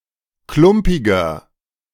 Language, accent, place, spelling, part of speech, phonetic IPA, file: German, Germany, Berlin, klumpiger, adjective, [ˈklʊmpɪɡɐ], De-klumpiger.ogg
- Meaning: 1. comparative degree of klumpig 2. inflection of klumpig: strong/mixed nominative masculine singular 3. inflection of klumpig: strong genitive/dative feminine singular